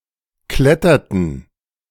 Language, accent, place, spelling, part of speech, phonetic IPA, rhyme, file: German, Germany, Berlin, kletterten, verb, [ˈklɛtɐtn̩], -ɛtɐtn̩, De-kletterten.ogg
- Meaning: inflection of klettern: 1. first/third-person plural preterite 2. first/third-person plural subjunctive II